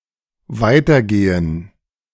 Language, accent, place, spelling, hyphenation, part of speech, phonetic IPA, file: German, Germany, Berlin, weitergehen, wei‧ter‧ge‧hen, verb, [ˈvaɪ̯tɐˌɡeːən], De-weitergehen.ogg
- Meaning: 1. to proceed, progress, continue 2. to keep moving